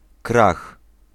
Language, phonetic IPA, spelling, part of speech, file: Polish, [krax], krach, noun, Pl-krach.ogg